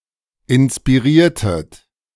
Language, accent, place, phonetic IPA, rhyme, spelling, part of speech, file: German, Germany, Berlin, [ɪnspiˈʁiːɐ̯tət], -iːɐ̯tət, inspiriertet, verb, De-inspiriertet.ogg
- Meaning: inflection of inspirieren: 1. second-person plural preterite 2. second-person plural subjunctive II